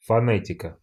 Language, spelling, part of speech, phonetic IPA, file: Russian, фонетика, noun, [fɐˈnɛtʲɪkə], Ru-фонетика.ogg
- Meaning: phonetics